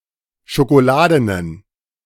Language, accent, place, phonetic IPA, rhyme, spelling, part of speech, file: German, Germany, Berlin, [ʃokoˈlaːdənən], -aːdənən, schokoladenen, adjective, De-schokoladenen.ogg
- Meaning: inflection of schokoladen: 1. strong genitive masculine/neuter singular 2. weak/mixed genitive/dative all-gender singular 3. strong/weak/mixed accusative masculine singular 4. strong dative plural